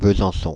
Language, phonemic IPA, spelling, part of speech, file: French, /bə.zɑ̃.sɔ̃/, Besançon, proper noun, Fr-Besançon.ogg
- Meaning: Besançon (a commune, the capital of Doubs department, Bourgogne-Franche-Comté, France)